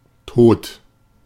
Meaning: 1. dead, deceased 2. dead, in most of the senses also present in English 3. Describes a thing or situation that is bad, unpleasant, boring, inappropriate, embarrassing, etc
- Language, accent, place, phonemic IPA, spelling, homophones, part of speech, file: German, Germany, Berlin, /toːt/, tot, Tod, adjective, De-tot.ogg